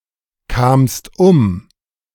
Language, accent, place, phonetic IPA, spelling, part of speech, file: German, Germany, Berlin, [ˌkaːmst ˈʊm], kamst um, verb, De-kamst um.ogg
- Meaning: second-person singular preterite of umkommen